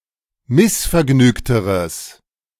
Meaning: strong/mixed nominative/accusative neuter singular comparative degree of missvergnügt
- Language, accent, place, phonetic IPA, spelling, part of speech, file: German, Germany, Berlin, [ˈmɪsfɛɐ̯ˌɡnyːktəʁəs], missvergnügteres, adjective, De-missvergnügteres.ogg